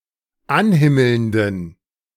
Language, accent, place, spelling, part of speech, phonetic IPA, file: German, Germany, Berlin, anhimmelnden, adjective, [ˈanˌhɪml̩ndn̩], De-anhimmelnden.ogg
- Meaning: inflection of anhimmelnd: 1. strong genitive masculine/neuter singular 2. weak/mixed genitive/dative all-gender singular 3. strong/weak/mixed accusative masculine singular 4. strong dative plural